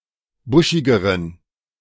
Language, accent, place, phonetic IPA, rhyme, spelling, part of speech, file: German, Germany, Berlin, [ˈbʊʃɪɡəʁən], -ʊʃɪɡəʁən, buschigeren, adjective, De-buschigeren.ogg
- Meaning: inflection of buschig: 1. strong genitive masculine/neuter singular comparative degree 2. weak/mixed genitive/dative all-gender singular comparative degree